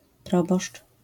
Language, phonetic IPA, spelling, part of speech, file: Polish, [ˈprɔbɔʃt͡ʃ], proboszcz, noun, LL-Q809 (pol)-proboszcz.wav